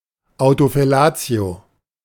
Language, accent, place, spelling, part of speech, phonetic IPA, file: German, Germany, Berlin, Autofellatio, noun, [ˈaʊ̯tofɛˌlaːt͡si̯o], De-Autofellatio.ogg
- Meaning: autofellatio (oral stimulation of one's own penis)